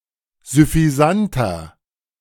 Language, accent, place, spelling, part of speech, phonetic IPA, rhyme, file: German, Germany, Berlin, süffisanter, adjective, [zʏfiˈzantɐ], -antɐ, De-süffisanter.ogg
- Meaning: 1. comparative degree of süffisant 2. inflection of süffisant: strong/mixed nominative masculine singular 3. inflection of süffisant: strong genitive/dative feminine singular